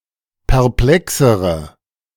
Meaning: inflection of perplex: 1. strong/mixed nominative/accusative feminine singular comparative degree 2. strong nominative/accusative plural comparative degree
- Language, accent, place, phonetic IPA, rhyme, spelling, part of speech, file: German, Germany, Berlin, [pɛʁˈplɛksəʁə], -ɛksəʁə, perplexere, adjective, De-perplexere.ogg